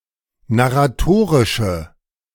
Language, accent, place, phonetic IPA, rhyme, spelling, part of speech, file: German, Germany, Berlin, [naʁaˈtoːʁɪʃə], -oːʁɪʃə, narratorische, adjective, De-narratorische.ogg
- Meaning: inflection of narratorisch: 1. strong/mixed nominative/accusative feminine singular 2. strong nominative/accusative plural 3. weak nominative all-gender singular